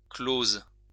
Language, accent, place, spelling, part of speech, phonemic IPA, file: French, France, Lyon, close, adjective / verb, /kloz/, LL-Q150 (fra)-close.wav
- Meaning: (adjective) feminine singular of clos; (verb) first/third-person singular present subjunctive of clore